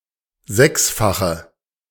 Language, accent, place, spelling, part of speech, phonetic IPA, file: German, Germany, Berlin, sechsfache, adjective, [ˈzɛksfaxə], De-sechsfache.ogg
- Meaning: inflection of sechsfach: 1. strong/mixed nominative/accusative feminine singular 2. strong nominative/accusative plural 3. weak nominative all-gender singular